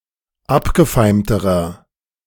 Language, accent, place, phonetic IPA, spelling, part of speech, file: German, Germany, Berlin, [ˈapɡəˌfaɪ̯mtəʁɐ], abgefeimterer, adjective, De-abgefeimterer.ogg
- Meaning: inflection of abgefeimt: 1. strong/mixed nominative masculine singular comparative degree 2. strong genitive/dative feminine singular comparative degree 3. strong genitive plural comparative degree